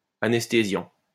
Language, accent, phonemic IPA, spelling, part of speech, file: French, France, /a.nɛs.te.zjɑ̃/, anesthésiant, adjective / noun / verb, LL-Q150 (fra)-anesthésiant.wav
- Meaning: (adjective) anesthetic; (verb) present participle of anesthésier